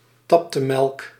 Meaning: decreamed low-fat milk
- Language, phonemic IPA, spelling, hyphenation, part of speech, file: Dutch, /ˈtɑp.təˌmɛlk/, taptemelk, tap‧te‧melk, noun, Nl-taptemelk.ogg